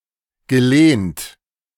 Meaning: past participle of lehnen
- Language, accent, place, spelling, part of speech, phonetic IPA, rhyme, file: German, Germany, Berlin, gelehnt, verb, [ɡəˈleːnt], -eːnt, De-gelehnt.ogg